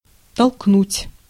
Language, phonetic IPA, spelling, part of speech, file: Russian, [tɐɫkˈnutʲ], толкнуть, verb, Ru-толкнуть.ogg
- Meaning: 1. to push, to shove, to thrust 2. to incite, to instigate 3. to sell